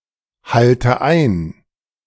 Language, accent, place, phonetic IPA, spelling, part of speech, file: German, Germany, Berlin, [ˌhaltə ˈaɪ̯n], halte ein, verb, De-halte ein.ogg
- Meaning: inflection of einhalten: 1. first-person singular present 2. first/third-person singular subjunctive I 3. singular imperative